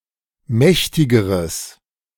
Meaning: strong/mixed nominative/accusative neuter singular comparative degree of mächtig
- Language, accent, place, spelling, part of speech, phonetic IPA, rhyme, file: German, Germany, Berlin, mächtigeres, adjective, [ˈmɛçtɪɡəʁəs], -ɛçtɪɡəʁəs, De-mächtigeres.ogg